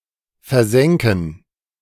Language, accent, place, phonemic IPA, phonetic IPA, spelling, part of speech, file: German, Germany, Berlin, /fɛʁˈzɛŋkən/, [fɛɐ̯ˈzɛŋkŋ̍], versenken, verb, De-versenken.ogg
- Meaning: 1. to sink (to cause to sink, e.g. a ship) 2. to down (to pot a ball) 3. to score 4. to countersink, counterbore